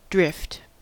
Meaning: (noun) Movement; that which moves or is moved.: Anything driven at random
- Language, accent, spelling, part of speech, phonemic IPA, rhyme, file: English, US, drift, noun / verb, /dɹɪft/, -ɪft, En-us-drift.ogg